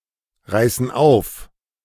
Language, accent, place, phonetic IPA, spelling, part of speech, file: German, Germany, Berlin, [ˌʁaɪ̯sn̩ ˈaʊ̯f], reißen auf, verb, De-reißen auf.ogg
- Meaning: inflection of aufreißen: 1. first/third-person plural present 2. first/third-person plural subjunctive I